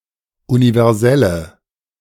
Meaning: inflection of universell: 1. strong/mixed nominative/accusative feminine singular 2. strong nominative/accusative plural 3. weak nominative all-gender singular
- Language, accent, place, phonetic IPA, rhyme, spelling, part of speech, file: German, Germany, Berlin, [univɛʁˈzɛlə], -ɛlə, universelle, adjective, De-universelle.ogg